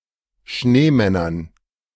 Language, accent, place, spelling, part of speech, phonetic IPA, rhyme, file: German, Germany, Berlin, Schneemännern, noun, [ˈʃneːˌmɛnɐn], -eːmɛnɐn, De-Schneemännern.ogg
- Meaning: dative plural of Schneemann